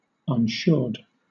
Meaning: Not made sure; unassured
- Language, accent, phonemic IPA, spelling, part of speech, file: English, Southern England, /ʌnˈʃʊə(ɹ)d/, unsured, adjective, LL-Q1860 (eng)-unsured.wav